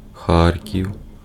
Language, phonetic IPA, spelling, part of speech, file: Ukrainian, [ˈxarkʲiu̯], Харків, proper noun, Uk-Харків.ogg
- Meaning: Kharkiv (an industrial city, a municipal and regional administrative center in Kharkiv Oblast, in eastern Ukraine)